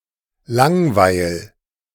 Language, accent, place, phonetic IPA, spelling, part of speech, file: German, Germany, Berlin, [ˈlaŋˌvaɪ̯l], langweil, verb, De-langweil.ogg
- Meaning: 1. singular imperative of langweilen 2. first-person singular present of langweilen